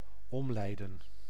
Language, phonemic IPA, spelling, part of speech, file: Dutch, /ˈɔm.lɛi̯.də(n)/, omleiden, verb, Nl-omleiden.ogg
- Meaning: to detour, to lead around, to send on a detour